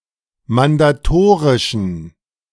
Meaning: inflection of mandatorisch: 1. strong genitive masculine/neuter singular 2. weak/mixed genitive/dative all-gender singular 3. strong/weak/mixed accusative masculine singular 4. strong dative plural
- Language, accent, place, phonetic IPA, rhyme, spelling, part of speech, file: German, Germany, Berlin, [mandaˈtoːʁɪʃn̩], -oːʁɪʃn̩, mandatorischen, adjective, De-mandatorischen.ogg